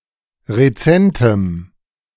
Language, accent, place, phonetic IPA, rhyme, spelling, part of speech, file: German, Germany, Berlin, [ʁeˈt͡sɛntəm], -ɛntəm, rezentem, adjective, De-rezentem.ogg
- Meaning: strong dative masculine/neuter singular of rezent